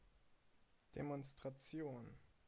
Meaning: 1. demonstration (act of demonstrating) 2. demonstration (show of military force) 3. demonstration (rally, protest, march)
- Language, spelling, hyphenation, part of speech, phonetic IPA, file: German, Demonstration, De‧mons‧tra‧ti‧on, noun, [demɔnstʁaˈt͡si̯oːn], DE-Demonstration.ogg